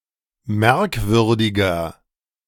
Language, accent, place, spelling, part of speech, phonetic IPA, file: German, Germany, Berlin, merkwürdiger, adjective, [ˈmɛʁkˌvʏʁdɪɡɐ], De-merkwürdiger.ogg
- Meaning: 1. comparative degree of merkwürdig 2. inflection of merkwürdig: strong/mixed nominative masculine singular 3. inflection of merkwürdig: strong genitive/dative feminine singular